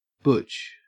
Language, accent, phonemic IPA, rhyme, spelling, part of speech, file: English, Australia, /bʊt͡ʃ/, -ʊtʃ, butch, adjective / noun / verb, En-au-butch.ogg
- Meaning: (adjective) 1. Very masculine, with a masculine appearance or attitude 2. Of a woman (usually lesbian), having a masculine appearance, or attitude